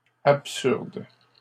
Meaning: plural of absurde
- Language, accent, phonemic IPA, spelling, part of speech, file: French, Canada, /ap.syʁd/, absurdes, adjective, LL-Q150 (fra)-absurdes.wav